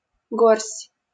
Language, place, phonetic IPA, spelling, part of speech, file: Russian, Saint Petersburg, [ɡors⁽ʲ⁾tʲ], горсть, noun, LL-Q7737 (rus)-горсть.wav
- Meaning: 1. hollow of the hand, cupped hand 2. handful, fistful